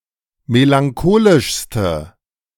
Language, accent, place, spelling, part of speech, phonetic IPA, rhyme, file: German, Germany, Berlin, melancholischste, adjective, [melaŋˈkoːlɪʃstə], -oːlɪʃstə, De-melancholischste.ogg
- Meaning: inflection of melancholisch: 1. strong/mixed nominative/accusative feminine singular superlative degree 2. strong nominative/accusative plural superlative degree